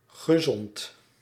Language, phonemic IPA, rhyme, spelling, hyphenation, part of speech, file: Dutch, /ɣəˈzɔnt/, -ɔnt, gezond, ge‧zond, adjective / verb, Nl-gezond.ogg
- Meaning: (adjective) 1. healthy, being in good health 2. healthy, beneficial for health; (verb) past participle of zonnen